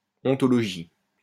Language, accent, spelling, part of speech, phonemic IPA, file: French, France, ontologie, noun, /ɔ̃.tɔ.lɔ.ʒi/, LL-Q150 (fra)-ontologie.wav
- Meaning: ontology (the branch of metaphysics that addresses the nature or essential characteristics of being and of things that exist)